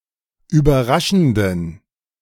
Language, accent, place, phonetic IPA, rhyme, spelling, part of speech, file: German, Germany, Berlin, [yːbɐˈʁaʃn̩dən], -aʃn̩dən, überraschenden, adjective, De-überraschenden.ogg
- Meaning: inflection of überraschend: 1. strong genitive masculine/neuter singular 2. weak/mixed genitive/dative all-gender singular 3. strong/weak/mixed accusative masculine singular 4. strong dative plural